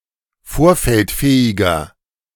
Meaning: inflection of vorfeldfähig: 1. strong/mixed nominative masculine singular 2. strong genitive/dative feminine singular 3. strong genitive plural
- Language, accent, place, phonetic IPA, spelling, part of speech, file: German, Germany, Berlin, [ˈfoːɐ̯fɛltˌfɛːɪɡɐ], vorfeldfähiger, adjective, De-vorfeldfähiger.ogg